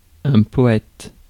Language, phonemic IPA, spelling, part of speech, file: French, /pɔ.ɛt/, poète, noun, Fr-poète.ogg
- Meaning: 1. poet 2. daydreamer 3. wordsmith